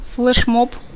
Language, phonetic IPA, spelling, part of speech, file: Russian, [fɫɨʂˈmop], флешмоб, noun, Ru-флешмоб.ogg
- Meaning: alternative form of флэшмо́б (flɛšmób)